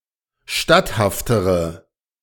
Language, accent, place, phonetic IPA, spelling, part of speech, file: German, Germany, Berlin, [ˈʃtathaftəʁə], statthaftere, adjective, De-statthaftere.ogg
- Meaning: inflection of statthaft: 1. strong/mixed nominative/accusative feminine singular comparative degree 2. strong nominative/accusative plural comparative degree